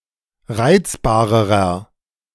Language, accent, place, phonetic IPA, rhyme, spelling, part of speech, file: German, Germany, Berlin, [ˈʁaɪ̯t͡sbaːʁəʁɐ], -aɪ̯t͡sbaːʁəʁɐ, reizbarerer, adjective, De-reizbarerer.ogg
- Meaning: inflection of reizbar: 1. strong/mixed nominative masculine singular comparative degree 2. strong genitive/dative feminine singular comparative degree 3. strong genitive plural comparative degree